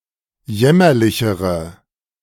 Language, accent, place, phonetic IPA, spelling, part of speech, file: German, Germany, Berlin, [ˈjɛmɐlɪçəʁə], jämmerlichere, adjective, De-jämmerlichere.ogg
- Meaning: inflection of jämmerlich: 1. strong/mixed nominative/accusative feminine singular comparative degree 2. strong nominative/accusative plural comparative degree